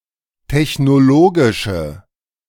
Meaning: inflection of technologisch: 1. strong/mixed nominative/accusative feminine singular 2. strong nominative/accusative plural 3. weak nominative all-gender singular
- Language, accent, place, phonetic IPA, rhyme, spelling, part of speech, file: German, Germany, Berlin, [tɛçnoˈloːɡɪʃə], -oːɡɪʃə, technologische, adjective, De-technologische.ogg